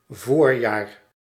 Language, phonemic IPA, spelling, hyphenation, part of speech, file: Dutch, /ˈvoːr.jaːr/, voorjaar, voor‧jaar, noun, Nl-voorjaar.ogg
- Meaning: spring (season)